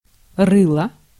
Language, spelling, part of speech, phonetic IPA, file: Russian, рыло, noun / verb, [ˈrɨɫə], Ru-рыло.ogg
- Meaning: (noun) 1. snout (of pigs, fish, etc.) 2. mug (ugly human face); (verb) neuter singular past indicative imperfective of рыть (rytʹ)